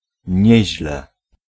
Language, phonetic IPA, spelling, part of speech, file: Polish, [ˈɲɛ̇ʑlɛ], nieźle, adverb, Pl-nieźle.ogg